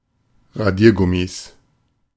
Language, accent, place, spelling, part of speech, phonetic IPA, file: German, Germany, Berlin, Radiergummis, noun, [ʁaˈdiːɐ̯ˌɡʊmis], De-Radiergummis.ogg
- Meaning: 1. genitive singular of Radiergummi 2. plural of Radiergummi